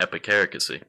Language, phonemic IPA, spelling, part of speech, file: English, /ˌɛpɪˈkæɹɪkəsi/, epicaricacy, noun, Epicaricacy Pronunciation.wav
- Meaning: Rejoicing at or deriving pleasure from the misfortunes of others